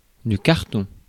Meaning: 1. cardboard 2. carton, cardboard box 3. target 4. sketch; cartoon 5. inset map 6. card
- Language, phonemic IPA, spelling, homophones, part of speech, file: French, /kaʁ.tɔ̃/, carton, cartons, noun, Fr-carton.ogg